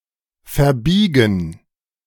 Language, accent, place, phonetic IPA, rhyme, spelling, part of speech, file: German, Germany, Berlin, [fɛɐ̯ˈbiːɡn̩], -iːɡn̩, verbiegen, verb, De-verbiegen.ogg
- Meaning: 1. to bend something 2. to bend, become bent